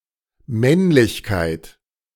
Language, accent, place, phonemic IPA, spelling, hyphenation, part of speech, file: German, Germany, Berlin, /ˈmɛnlɪçˌkaɪ̯t/, Männlichkeit, Männ‧lich‧keit, noun, De-Männlichkeit.ogg
- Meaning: 1. manliness, manhood, masculinity 2. male genitalia